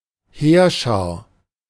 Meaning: army, host
- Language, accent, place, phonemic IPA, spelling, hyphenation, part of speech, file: German, Germany, Berlin, /ˈheːɐ̯ˌʃaːɐ̯/, Heerschar, Heer‧schar, noun, De-Heerschar.ogg